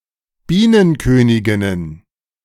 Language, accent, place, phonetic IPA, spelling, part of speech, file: German, Germany, Berlin, [ˈbiːnənˌkøːnɪɡɪnən], Bienenköniginnen, noun, De-Bienenköniginnen.ogg
- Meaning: plural of Bienenkönigin